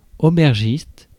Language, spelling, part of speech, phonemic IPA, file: French, aubergiste, noun, /o.bɛʁ.ʒist/, Fr-aubergiste.ogg
- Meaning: innkeeper, landlord